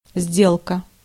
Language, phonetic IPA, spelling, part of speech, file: Russian, [ˈzʲdʲeɫkə], сделка, noun, Ru-сделка.ogg
- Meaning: 1. deal, bargain 2. transaction (the act of conducting or carrying out business, negotiations, plans, etc.)